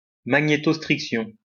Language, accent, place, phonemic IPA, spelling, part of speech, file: French, France, Lyon, /ma.ɲe.tɔs.tʁik.sjɔ̃/, magnétostriction, noun, LL-Q150 (fra)-magnétostriction.wav
- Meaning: magnetostriction